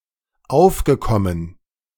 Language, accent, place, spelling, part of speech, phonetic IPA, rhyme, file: German, Germany, Berlin, aufgekommen, verb, [ˈaʊ̯fɡəˌkɔmən], -aʊ̯fɡəkɔmən, De-aufgekommen.ogg
- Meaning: past participle of aufkommen